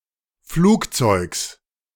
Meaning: genitive singular of Flugzeug
- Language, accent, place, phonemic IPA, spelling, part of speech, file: German, Germany, Berlin, /ˈfluːktsɔɪ̯ks/, Flugzeugs, noun, De-Flugzeugs.ogg